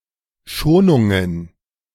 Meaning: plural of Schonung
- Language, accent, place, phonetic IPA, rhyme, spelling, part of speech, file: German, Germany, Berlin, [ˈʃoːnʊŋən], -oːnʊŋən, Schonungen, noun, De-Schonungen.ogg